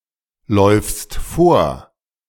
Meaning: second-person singular present of vorlaufen
- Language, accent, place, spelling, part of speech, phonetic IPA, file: German, Germany, Berlin, läufst vor, verb, [ˌlɔɪ̯fst ˈfoːɐ̯], De-läufst vor.ogg